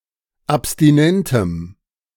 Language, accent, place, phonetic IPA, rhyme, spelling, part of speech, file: German, Germany, Berlin, [apstiˈnɛntəm], -ɛntəm, abstinentem, adjective, De-abstinentem.ogg
- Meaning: strong dative masculine/neuter singular of abstinent